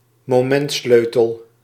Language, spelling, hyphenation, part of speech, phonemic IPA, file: Dutch, momentsleutel, mo‧ment‧sleu‧tel, noun, /moːˈmɛntˌsløː.təl/, Nl-momentsleutel.ogg
- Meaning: torque wrench